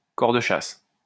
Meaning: hunting horn
- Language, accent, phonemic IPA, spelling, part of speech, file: French, France, /kɔʁ də ʃas/, cor de chasse, noun, LL-Q150 (fra)-cor de chasse.wav